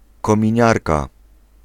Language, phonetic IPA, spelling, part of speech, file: Polish, [ˌkɔ̃mʲĩˈɲarka], kominiarka, noun, Pl-kominiarka.ogg